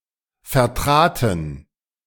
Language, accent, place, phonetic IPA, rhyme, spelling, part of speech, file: German, Germany, Berlin, [fɛɐ̯ˈtʁaːtn̩], -aːtn̩, vertraten, verb, De-vertraten.ogg
- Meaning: first/third-person plural preterite of vertreten